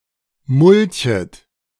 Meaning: second-person plural subjunctive I of mulchen
- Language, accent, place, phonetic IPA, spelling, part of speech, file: German, Germany, Berlin, [ˈmʊlçət], mulchet, verb, De-mulchet.ogg